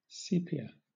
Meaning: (noun) 1. A dark brown pigment made from the secretions of the cuttlefish 2. A dark, slightly reddish, brown colour 3. A sepia-coloured drawing or photograph 4. A cuttlefish
- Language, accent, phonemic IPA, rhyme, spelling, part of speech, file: English, Southern England, /ˈsiːpiə/, -iːpiə, sepia, noun / adjective, LL-Q1860 (eng)-sepia.wav